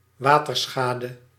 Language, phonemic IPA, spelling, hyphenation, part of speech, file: Dutch, /ˈʋaː.tərˌsxaː.də/, waterschade, wa‧ter‧scha‧de, noun, Nl-waterschade.ogg
- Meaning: water damage